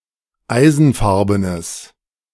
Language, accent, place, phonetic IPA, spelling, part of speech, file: German, Germany, Berlin, [ˈaɪ̯zn̩ˌfaʁbənəs], eisenfarbenes, adjective, De-eisenfarbenes.ogg
- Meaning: strong/mixed nominative/accusative neuter singular of eisenfarben